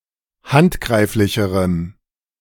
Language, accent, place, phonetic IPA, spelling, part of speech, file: German, Germany, Berlin, [ˈhantˌɡʁaɪ̯flɪçəʁəm], handgreiflicherem, adjective, De-handgreiflicherem.ogg
- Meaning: strong dative masculine/neuter singular comparative degree of handgreiflich